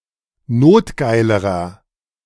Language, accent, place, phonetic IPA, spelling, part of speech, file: German, Germany, Berlin, [ˈnoːtˌɡaɪ̯ləʁɐ], notgeilerer, adjective, De-notgeilerer.ogg
- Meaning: inflection of notgeil: 1. strong/mixed nominative masculine singular comparative degree 2. strong genitive/dative feminine singular comparative degree 3. strong genitive plural comparative degree